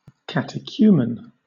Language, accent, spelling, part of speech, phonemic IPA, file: English, Southern England, catechumen, noun, /ˌkæt.ɪˈkjuː.mɛn/, LL-Q1860 (eng)-catechumen.wav